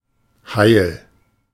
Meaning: 1. whole; intact; unhurt; safe 2. sheltered; innocent; ideal
- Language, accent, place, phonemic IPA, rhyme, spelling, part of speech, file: German, Germany, Berlin, /haɪ̯l/, -aɪ̯l, heil, adjective, De-heil.ogg